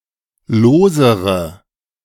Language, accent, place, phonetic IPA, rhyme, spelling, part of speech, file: German, Germany, Berlin, [ˈloːzəʁə], -oːzəʁə, losere, adjective, De-losere.ogg
- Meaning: inflection of lose: 1. strong/mixed nominative/accusative feminine singular comparative degree 2. strong nominative/accusative plural comparative degree